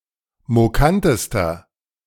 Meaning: inflection of mokant: 1. strong/mixed nominative masculine singular superlative degree 2. strong genitive/dative feminine singular superlative degree 3. strong genitive plural superlative degree
- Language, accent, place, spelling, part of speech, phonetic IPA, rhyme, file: German, Germany, Berlin, mokantester, adjective, [moˈkantəstɐ], -antəstɐ, De-mokantester.ogg